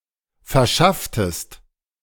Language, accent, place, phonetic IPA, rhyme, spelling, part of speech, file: German, Germany, Berlin, [fɛɐ̯ˈʃaftəst], -aftəst, verschafftest, verb, De-verschafftest.ogg
- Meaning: inflection of verschaffen: 1. second-person singular preterite 2. second-person singular subjunctive II